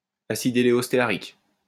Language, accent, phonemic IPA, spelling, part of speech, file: French, France, /a.sid e.le.ɔs.te.a.ʁik/, acide éléostéarique, noun, LL-Q150 (fra)-acide éléostéarique.wav
- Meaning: eleostearic acid